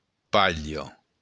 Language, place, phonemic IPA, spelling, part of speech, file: Occitan, Béarn, /ˈpa.ʎo/, palha, noun, LL-Q14185 (oci)-palha.wav
- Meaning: straw